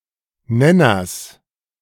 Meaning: genitive singular of Nenner
- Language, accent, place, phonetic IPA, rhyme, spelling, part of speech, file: German, Germany, Berlin, [ˈnɛnɐs], -ɛnɐs, Nenners, noun, De-Nenners.ogg